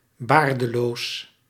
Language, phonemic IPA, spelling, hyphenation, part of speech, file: Dutch, /ˈbaːr.dəˌloːs/, baardeloos, baar‧de‧loos, adjective, Nl-baardeloos.ogg
- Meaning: alternative form of baardloos